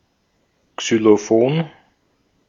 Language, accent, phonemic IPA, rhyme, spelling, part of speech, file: German, Austria, /ˌksyloˈfoːn/, -oːn, Xylophon, noun, De-at-Xylophon.ogg
- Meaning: xylophone